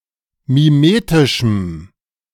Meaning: strong dative masculine/neuter singular of mimetisch
- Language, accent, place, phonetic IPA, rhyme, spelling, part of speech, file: German, Germany, Berlin, [miˈmeːtɪʃm̩], -eːtɪʃm̩, mimetischem, adjective, De-mimetischem.ogg